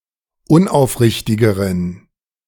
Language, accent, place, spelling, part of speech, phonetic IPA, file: German, Germany, Berlin, unaufrichtigeren, adjective, [ˈʊnʔaʊ̯fˌʁɪçtɪɡəʁən], De-unaufrichtigeren.ogg
- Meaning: inflection of unaufrichtig: 1. strong genitive masculine/neuter singular comparative degree 2. weak/mixed genitive/dative all-gender singular comparative degree